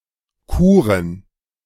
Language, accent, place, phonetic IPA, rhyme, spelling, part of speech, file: German, Germany, Berlin, [ˈkuːʁən], -uːʁən, Kuren, noun, De-Kuren.ogg
- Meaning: plural of Kur